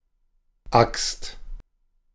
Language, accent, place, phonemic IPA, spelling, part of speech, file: German, Germany, Berlin, /akst/, Axt, noun, De-Axt.ogg
- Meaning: axe